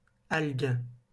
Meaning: plural of algue
- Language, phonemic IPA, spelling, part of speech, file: French, /alɡ/, algues, noun, LL-Q150 (fra)-algues.wav